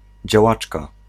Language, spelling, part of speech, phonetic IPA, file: Polish, działaczka, noun, [d͡ʑaˈwat͡ʃka], Pl-działaczka.ogg